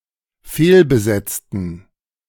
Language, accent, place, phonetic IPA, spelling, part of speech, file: German, Germany, Berlin, [ˈfeːlbəˌzɛt͡stn̩], fehlbesetzten, adjective / verb, De-fehlbesetzten.ogg
- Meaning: inflection of fehlbesetzen: 1. first/third-person plural dependent preterite 2. first/third-person plural dependent subjunctive II